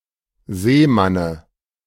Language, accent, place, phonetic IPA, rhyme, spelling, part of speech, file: German, Germany, Berlin, [ˈzeːˌmanə], -eːmanə, Seemanne, noun, De-Seemanne.ogg
- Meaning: dative of Seemann